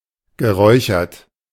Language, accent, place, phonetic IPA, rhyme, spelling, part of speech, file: German, Germany, Berlin, [ɡəˈʁɔɪ̯çɐt], -ɔɪ̯çɐt, geräuchert, adjective / verb, De-geräuchert.ogg
- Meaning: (verb) past participle of räuchern (“to smoke”); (adjective) smoked